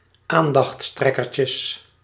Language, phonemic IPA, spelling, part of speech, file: Dutch, /ˈandɑx(t)sˌtrɛkərcəs/, aandachtstrekkertjes, noun, Nl-aandachtstrekkertjes.ogg
- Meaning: plural of aandachtstrekkertje